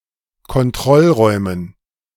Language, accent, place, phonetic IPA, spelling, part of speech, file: German, Germany, Berlin, [kɔnˈtʁɔlˌʁɔɪ̯mən], Kontrollräumen, noun, De-Kontrollräumen.ogg
- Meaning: dative plural of Kontrollraum